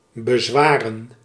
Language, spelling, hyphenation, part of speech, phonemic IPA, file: Dutch, bezwaren, be‧zwa‧ren, verb / noun, /bəˈzʋaːrə(n)/, Nl-bezwaren.ogg
- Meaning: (verb) to burden; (noun) plural of bezwaar